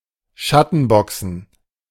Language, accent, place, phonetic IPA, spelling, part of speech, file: German, Germany, Berlin, [ˈʃatn̩ˌbɔksn̩], Schattenboxen, noun, De-Schattenboxen.ogg
- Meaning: shadowboxing